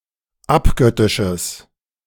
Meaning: strong/mixed nominative/accusative neuter singular of abgöttisch
- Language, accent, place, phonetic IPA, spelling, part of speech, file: German, Germany, Berlin, [ˈapˌɡœtɪʃəs], abgöttisches, adjective, De-abgöttisches.ogg